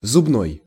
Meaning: tooth; dental
- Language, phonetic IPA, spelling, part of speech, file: Russian, [zʊbˈnoj], зубной, adjective, Ru-зубной.ogg